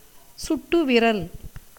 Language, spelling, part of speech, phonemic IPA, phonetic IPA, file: Tamil, சுட்டுவிரல், noun, /tʃʊʈːʊʋɪɾɐl/, [sʊʈːʊʋɪɾɐl], Ta-சுட்டுவிரல்.ogg
- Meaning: index finger, forefinger